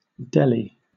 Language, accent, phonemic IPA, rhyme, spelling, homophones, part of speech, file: English, Southern England, /ˈdɛl.i/, -ɛli, Delhi, deli, proper noun, LL-Q1860 (eng)-Delhi.wav
- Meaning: 1. A megacity and union territory of India, containing the national capital New Delhi 2. The Indian government